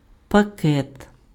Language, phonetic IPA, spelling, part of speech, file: Ukrainian, [pɐˈkɛt], пакет, noun, Uk-пакет.ogg
- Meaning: 1. small bag, parcel 2. fragment of data sent over a network, packet